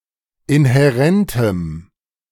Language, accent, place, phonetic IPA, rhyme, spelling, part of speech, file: German, Germany, Berlin, [ɪnhɛˈʁɛntəm], -ɛntəm, inhärentem, adjective, De-inhärentem.ogg
- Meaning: strong dative masculine/neuter singular of inhärent